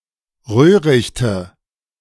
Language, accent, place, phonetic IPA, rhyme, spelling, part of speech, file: German, Germany, Berlin, [ˈʁøːʁɪçtə], -øːʁɪçtə, Röhrichte, noun, De-Röhrichte.ogg
- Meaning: nominative/accusative/genitive plural of Röhricht